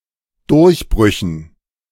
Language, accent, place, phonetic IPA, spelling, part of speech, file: German, Germany, Berlin, [ˈdʊʁçˌbʁʏçn̩], Durchbrüchen, noun, De-Durchbrüchen.ogg
- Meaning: dative plural of Durchbruch